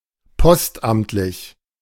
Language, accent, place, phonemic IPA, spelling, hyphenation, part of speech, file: German, Germany, Berlin, /ˈpɔstˌʔamtlɪç/, postamtlich, post‧amt‧lich, adjective, De-postamtlich.ogg
- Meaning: postal service